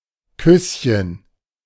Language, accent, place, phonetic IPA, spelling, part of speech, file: German, Germany, Berlin, [ˈkʏsçən], Küsschen, noun, De-Küsschen.ogg
- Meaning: diminutive of Kuss; a peck